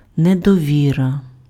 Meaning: 1. distrust, mistrust 2. nonconfidence, no confidence
- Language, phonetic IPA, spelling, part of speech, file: Ukrainian, [nedɔˈʋʲirɐ], недовіра, noun, Uk-недовіра.ogg